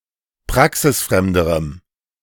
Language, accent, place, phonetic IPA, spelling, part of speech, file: German, Germany, Berlin, [ˈpʁaksɪsˌfʁɛmdəʁəm], praxisfremderem, adjective, De-praxisfremderem.ogg
- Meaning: strong dative masculine/neuter singular comparative degree of praxisfremd